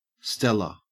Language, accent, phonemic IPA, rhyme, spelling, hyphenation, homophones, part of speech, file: English, Australia, /ˈstɛlə/, -ɛlə, Stella, Stel‧la, stella / stellar / steller, proper noun / noun, En-au-Stella.ogg
- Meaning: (proper noun) 1. A female given name from Latin 2. Ellipsis of Stella Artois, a brand of beer 3. A town in South Africa 4. A village in Missouri 5. A village in Nebraska